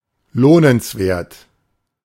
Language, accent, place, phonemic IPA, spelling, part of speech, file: German, Germany, Berlin, /ˈloːnənsˌveːɐ̯t/, lohnenswert, adjective, De-lohnenswert.ogg
- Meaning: rewarding, worthwhile